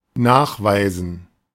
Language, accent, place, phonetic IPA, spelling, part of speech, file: German, Germany, Berlin, [ˈnaːxˌvaɪ̯zn̩], nachweisen, verb, De-nachweisen.ogg
- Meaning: to prove, verify, establish, demonstrate (something or the presence of something), to substantiate, to provide proof of